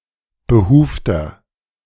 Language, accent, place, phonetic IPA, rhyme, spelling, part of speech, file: German, Germany, Berlin, [bəˈhuːftɐ], -uːftɐ, behufter, adjective, De-behufter.ogg
- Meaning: inflection of behuft: 1. strong/mixed nominative masculine singular 2. strong genitive/dative feminine singular 3. strong genitive plural